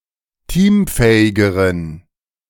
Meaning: inflection of teamfähig: 1. strong genitive masculine/neuter singular comparative degree 2. weak/mixed genitive/dative all-gender singular comparative degree
- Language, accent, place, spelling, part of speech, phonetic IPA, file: German, Germany, Berlin, teamfähigeren, adjective, [ˈtiːmˌfɛːɪɡəʁən], De-teamfähigeren.ogg